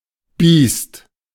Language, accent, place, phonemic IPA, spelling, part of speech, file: German, Germany, Berlin, /biːst/, Biest, noun, De-Biest.ogg
- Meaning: 1. animal, beast, any kind but especially an annoying one, e.g. an insect, pest, aggressive dog, etc 2. someone who behaves in an antisocial manner